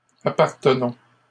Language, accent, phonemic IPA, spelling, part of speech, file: French, Canada, /a.paʁ.tə.nɔ̃/, appartenons, verb, LL-Q150 (fra)-appartenons.wav
- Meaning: inflection of appartenir: 1. first-person plural present indicative 2. first-person plural imperative